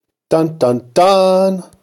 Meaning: Used as a dramatic pause, or to emphasize that something is frightening, thrilling, etc
- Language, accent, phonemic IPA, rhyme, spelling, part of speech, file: English, General American, /ˈdʌn ˌdʌn ˈdʌn/, -ʌn, dun dun dun, interjection, En-us-dun dun dun.ogg